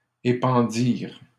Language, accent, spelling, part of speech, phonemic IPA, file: French, Canada, épandirent, verb, /e.pɑ̃.diʁ/, LL-Q150 (fra)-épandirent.wav
- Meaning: third-person plural past historic of épandre